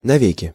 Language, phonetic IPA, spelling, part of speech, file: Russian, [nɐˈvʲekʲɪ], навеки, adverb, Ru-навеки.ogg
- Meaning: forever (for all time, for all eternity; for an infinite amount of time)